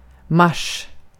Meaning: March (month)
- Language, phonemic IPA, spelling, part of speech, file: Swedish, /ˈmaʂː/, mars, noun, Sv-mars.ogg